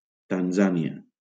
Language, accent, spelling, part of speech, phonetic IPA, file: Catalan, Valencia, Tanzània, proper noun, [tanˈza.ni.a], LL-Q7026 (cat)-Tanzània.wav
- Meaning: Tanzania (a country in East Africa)